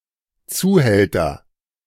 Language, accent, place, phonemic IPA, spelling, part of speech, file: German, Germany, Berlin, /ˈt͡suːˌhɛltɐ/, Zuhälter, noun, De-Zuhälter.ogg
- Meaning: agent noun of zuhalten; pimp (prostitution solicitor)